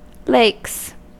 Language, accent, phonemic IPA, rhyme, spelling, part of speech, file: English, US, /leɪks/, -eɪks, lakes, noun / verb, En-us-lakes.ogg
- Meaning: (noun) plural of lake; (verb) third-person singular simple present indicative of lake